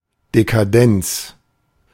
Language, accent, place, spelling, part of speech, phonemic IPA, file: German, Germany, Berlin, Dekadenz, noun, /dekaˈdɛnts/, De-Dekadenz.ogg
- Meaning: decadence